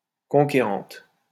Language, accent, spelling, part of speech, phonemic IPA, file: French, France, conquérante, adjective, /kɔ̃.ke.ʁɑ̃t/, LL-Q150 (fra)-conquérante.wav
- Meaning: feminine singular of conquérant